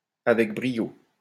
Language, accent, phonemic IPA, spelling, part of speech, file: French, France, /a.vɛk bʁi.jo/, avec brio, adverb, LL-Q150 (fra)-avec brio.wav
- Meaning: 1. brilliantly 2. with verve; with panache